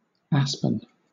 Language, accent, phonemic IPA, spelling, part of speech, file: English, Southern England, /ˈæspən/, aspen, adjective / noun, LL-Q1860 (eng)-aspen.wav
- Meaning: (adjective) 1. Pertaining to the aspen tree 2. Tremulous, trembling 3. Resembling an asp in some way 4. Resembling an asp in some way: wagging, gossiping